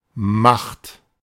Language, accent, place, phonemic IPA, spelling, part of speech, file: German, Germany, Berlin, /maχt/, Macht, noun, De-Macht.ogg
- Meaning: 1. power, authority 2. might, strength